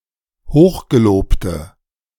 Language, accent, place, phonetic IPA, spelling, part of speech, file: German, Germany, Berlin, [ˈhoːxɡeˌloːptə], hochgelobte, adjective, De-hochgelobte.ogg
- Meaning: inflection of hochgelobt: 1. strong/mixed nominative/accusative feminine singular 2. strong nominative/accusative plural 3. weak nominative all-gender singular